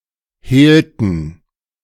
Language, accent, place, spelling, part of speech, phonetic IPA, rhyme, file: German, Germany, Berlin, hehlten, verb, [ˈheːltn̩], -eːltn̩, De-hehlten.ogg
- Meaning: inflection of hehlen: 1. first/third-person plural preterite 2. first/third-person plural subjunctive II